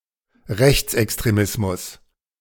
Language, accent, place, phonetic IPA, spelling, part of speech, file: German, Germany, Berlin, [ˈʁɛçt͡sʔɛkstʁeˌmɪsmʊs], Rechtsextremismus, noun, De-Rechtsextremismus.ogg
- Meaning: far right / extreme right extremism